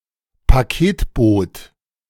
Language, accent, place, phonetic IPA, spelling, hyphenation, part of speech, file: German, Germany, Berlin, [paˈkeːtˌboːt], Paketboot, Pa‧ket‧boot, noun, De-Paketboot.ogg
- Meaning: packet boat